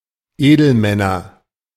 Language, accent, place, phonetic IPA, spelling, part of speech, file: German, Germany, Berlin, [ˈeːdl̩ˌmɛnɐ], Edelmänner, noun, De-Edelmänner.ogg
- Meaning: nominative/accusative/genitive plural of Edelmann